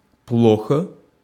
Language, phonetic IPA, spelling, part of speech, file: Russian, [ˈpɫoxə], плохо, adverb / adjective, Ru-плохо.ogg
- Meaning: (adverb) 1. bad, badly (in a bad manner) 2. unwell; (adjective) short neuter singular of плохо́й (ploxój)